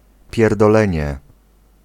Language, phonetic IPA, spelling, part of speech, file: Polish, [ˌpʲjɛrdɔˈlɛ̃ɲɛ], pierdolenie, noun, Pl-pierdolenie.ogg